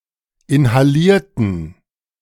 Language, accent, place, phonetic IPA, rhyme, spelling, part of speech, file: German, Germany, Berlin, [ɪnhaˈliːɐ̯tn̩], -iːɐ̯tn̩, inhalierten, adjective / verb, De-inhalierten.ogg
- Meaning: inflection of inhalieren: 1. first/third-person plural preterite 2. first/third-person plural subjunctive II